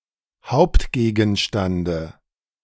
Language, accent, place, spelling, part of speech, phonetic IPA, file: German, Germany, Berlin, Hauptgegenstande, noun, [ˈhaʊ̯ptɡeːɡn̩ˌʃtandə], De-Hauptgegenstande.ogg
- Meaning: dative singular of Hauptgegenstand